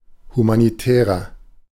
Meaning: inflection of humanitär: 1. strong/mixed nominative masculine singular 2. strong genitive/dative feminine singular 3. strong genitive plural
- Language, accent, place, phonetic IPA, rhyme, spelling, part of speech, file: German, Germany, Berlin, [humaniˈtɛːʁɐ], -ɛːʁɐ, humanitärer, adjective, De-humanitärer.ogg